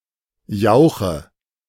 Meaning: 1. liquid manure 2. plant-based slurry used as a fertilizer 3. bad, foul-smelling liquid
- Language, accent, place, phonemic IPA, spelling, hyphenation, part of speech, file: German, Germany, Berlin, /ˈjaʊ̯xə/, Jauche, Jau‧che, noun, De-Jauche.ogg